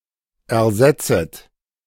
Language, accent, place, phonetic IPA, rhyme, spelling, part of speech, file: German, Germany, Berlin, [ɛɐ̯ˈzɛt͡sət], -ɛt͡sət, ersetzet, verb, De-ersetzet.ogg
- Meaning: second-person plural subjunctive I of ersetzen